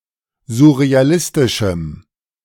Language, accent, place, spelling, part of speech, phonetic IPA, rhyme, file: German, Germany, Berlin, surrealistischem, adjective, [zʊʁeaˈlɪstɪʃm̩], -ɪstɪʃm̩, De-surrealistischem.ogg
- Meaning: strong dative masculine/neuter singular of surrealistisch